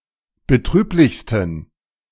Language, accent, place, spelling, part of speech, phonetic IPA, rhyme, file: German, Germany, Berlin, betrüblichsten, adjective, [bəˈtʁyːplɪçstn̩], -yːplɪçstn̩, De-betrüblichsten.ogg
- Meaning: 1. superlative degree of betrüblich 2. inflection of betrüblich: strong genitive masculine/neuter singular superlative degree